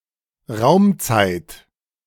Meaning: alternative spelling of Raumzeit
- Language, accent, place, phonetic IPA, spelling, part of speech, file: German, Germany, Berlin, [ˈʁaʊ̯mt͡saɪ̯t], Raum-Zeit, noun, De-Raum-Zeit.ogg